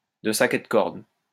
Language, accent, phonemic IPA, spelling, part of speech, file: French, France, /də sak e d(ə) kɔʁd/, de sac et de corde, adjective, LL-Q150 (fra)-de sac et de corde.wav
- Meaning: villainous, scoundrelly